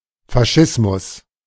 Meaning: fascism
- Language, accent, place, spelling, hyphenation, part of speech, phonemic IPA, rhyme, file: German, Germany, Berlin, Faschismus, Fa‧schis‧mus, noun, /faˈʃɪsmʊs/, -ɪsmʊs, De-Faschismus.ogg